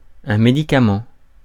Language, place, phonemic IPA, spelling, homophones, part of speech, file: French, Paris, /me.di.ka.mɑ̃/, médicament, médicaments, noun, Fr-médicament.ogg
- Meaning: drug, medication, medicine, pharmaceutical, prescription